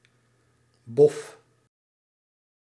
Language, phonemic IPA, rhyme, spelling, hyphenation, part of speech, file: Dutch, /bɔf/, -ɔf, bof, bof, noun / verb, Nl-bof.ogg
- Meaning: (noun) 1. mumps (contagious disease) 2. luck, fortune; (verb) inflection of boffen: 1. first-person singular present indicative 2. second-person singular present indicative 3. imperative